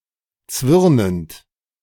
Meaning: present participle of zwirnen
- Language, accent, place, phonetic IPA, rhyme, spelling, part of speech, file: German, Germany, Berlin, [ˈt͡svɪʁnənt], -ɪʁnənt, zwirnend, verb, De-zwirnend.ogg